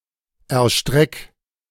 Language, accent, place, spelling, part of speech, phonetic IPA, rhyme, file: German, Germany, Berlin, erstreck, verb, [ɛɐ̯ˈʃtʁɛk], -ɛk, De-erstreck.ogg
- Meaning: 1. singular imperative of erstrecken 2. first-person singular present of erstrecken